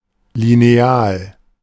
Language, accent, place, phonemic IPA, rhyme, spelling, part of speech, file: German, Germany, Berlin, /lineˈaːl/, -aːl, Lineal, noun, De-Lineal.ogg
- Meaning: ruler (measuring and drawing device)